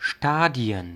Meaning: 1. plural of Stadion 2. plural of Stadium
- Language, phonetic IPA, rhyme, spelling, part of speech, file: German, [ˈʃtaːdi̯ən], -aːdi̯ən, Stadien, noun, De-Stadien.ogg